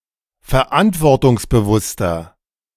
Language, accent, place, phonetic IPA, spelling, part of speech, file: German, Germany, Berlin, [fɛɐ̯ˈʔantvɔʁtʊŋsbəˌvʊstɐ], verantwortungsbewusster, adjective, De-verantwortungsbewusster.ogg
- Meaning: 1. comparative degree of verantwortungsbewusst 2. inflection of verantwortungsbewusst: strong/mixed nominative masculine singular